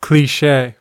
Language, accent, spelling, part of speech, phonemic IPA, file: English, US, cliche, noun / verb, /kliˈʃeɪ/, En-us-cliche.ogg
- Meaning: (noun) Alternative form of cliché